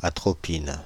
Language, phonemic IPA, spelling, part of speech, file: French, /a.tʁɔ.pin/, atropine, noun, Fr-atropine.ogg
- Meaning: atropine